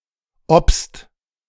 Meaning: inflection of obsen: 1. second-person singular/plural present 2. third-person singular present 3. plural imperative
- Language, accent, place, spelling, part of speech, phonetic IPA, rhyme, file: German, Germany, Berlin, obst, verb, [ɔpst], -ɔpst, De-obst.ogg